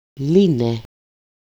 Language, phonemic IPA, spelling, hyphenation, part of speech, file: Greek, /ˈli.ne/, λύνε, λύ‧νε, verb, El-λύνε.ogg
- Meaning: second-person singular present active imperfective imperative of λύνω (lýno)